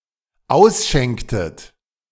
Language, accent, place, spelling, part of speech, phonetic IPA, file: German, Germany, Berlin, ausschenktet, verb, [ˈaʊ̯sˌʃɛŋktət], De-ausschenktet.ogg
- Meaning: inflection of ausschenken: 1. second-person plural dependent preterite 2. second-person plural dependent subjunctive II